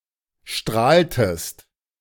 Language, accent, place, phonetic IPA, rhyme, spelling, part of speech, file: German, Germany, Berlin, [ˈʃtʁaːltəst], -aːltəst, strahltest, verb, De-strahltest.ogg
- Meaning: inflection of strahlen: 1. second-person singular preterite 2. second-person singular subjunctive II